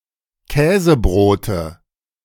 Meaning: nominative/accusative/genitive plural of Käsebrot
- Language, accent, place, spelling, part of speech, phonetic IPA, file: German, Germany, Berlin, Käsebrote, noun, [ˈkɛːzəˌbʁoːtə], De-Käsebrote.ogg